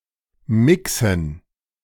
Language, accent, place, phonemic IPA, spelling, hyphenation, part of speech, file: German, Germany, Berlin, /ˈmɪksən/, mixen, mi‧xen, verb, De-mixen.ogg
- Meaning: 1. to mix (cause two or more substances to become combined or united) 2. to mix (combine several tracks; produce a finished version)